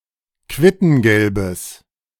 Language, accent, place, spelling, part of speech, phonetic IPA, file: German, Germany, Berlin, quittengelbes, adjective, [ˈkvɪtn̩ɡɛlbəs], De-quittengelbes.ogg
- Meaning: strong/mixed nominative/accusative neuter singular of quittengelb